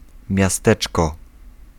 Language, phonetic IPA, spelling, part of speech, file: Polish, [mʲjaˈstɛt͡ʃkɔ], miasteczko, noun, Pl-miasteczko.ogg